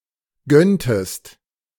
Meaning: inflection of gönnen: 1. second-person singular preterite 2. second-person singular subjunctive II
- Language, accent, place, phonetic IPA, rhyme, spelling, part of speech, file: German, Germany, Berlin, [ˈɡœntəst], -œntəst, gönntest, verb, De-gönntest.ogg